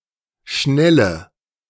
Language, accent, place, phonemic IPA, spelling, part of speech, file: German, Germany, Berlin, /ˈʃnɛlə/, schnelle, adjective, De-schnelle.ogg
- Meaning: inflection of schnell: 1. strong/mixed nominative/accusative feminine singular 2. strong nominative/accusative plural 3. weak nominative all-gender singular 4. weak accusative feminine/neuter singular